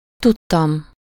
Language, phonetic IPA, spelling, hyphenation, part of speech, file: Hungarian, [ˈtutːɒm], tudtam, tud‧tam, verb, Hu-tudtam.ogg
- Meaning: 1. first-person singular indicative past indefinite of tud 2. first-person singular indicative past definite of tud